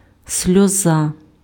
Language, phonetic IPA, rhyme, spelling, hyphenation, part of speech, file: Ukrainian, [sʲlʲɔˈza], -a, сльоза, сльо‧за, noun, Uk-сльоза.ogg
- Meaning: tear, teardrop (a drop of liquid from the eyes)